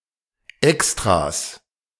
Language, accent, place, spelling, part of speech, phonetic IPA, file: German, Germany, Berlin, Extras, noun, [ˈɛkstʁas], De-Extras.ogg
- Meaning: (noun) 1. genitive singular of Extra 2. plural of Extra; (adjective) substantival form of extra used after neuter indefinite pronouns